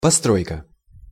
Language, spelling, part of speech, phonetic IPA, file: Russian, постройка, noun, [pɐˈstrojkə], Ru-постройка.ogg
- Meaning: 1. construction, structure (anything constructed) 2. building, construction (process)